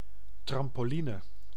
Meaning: a trampoline
- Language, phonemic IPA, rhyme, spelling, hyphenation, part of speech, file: Dutch, /ˌtrɑm.poːˈli.nə/, -inə, trampoline, tram‧po‧li‧ne, noun, Nl-trampoline.ogg